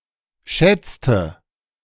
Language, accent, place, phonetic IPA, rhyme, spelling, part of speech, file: German, Germany, Berlin, [ˈʃɛt͡stə], -ɛt͡stə, schätzte, verb, De-schätzte.ogg
- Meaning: inflection of schätzen: 1. first/third-person singular preterite 2. first/third-person singular subjunctive II